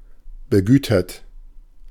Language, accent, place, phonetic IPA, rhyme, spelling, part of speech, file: German, Germany, Berlin, [bəˈɡyːtɐt], -yːtɐt, begütert, adjective, De-begütert.ogg
- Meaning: affluent, wealthy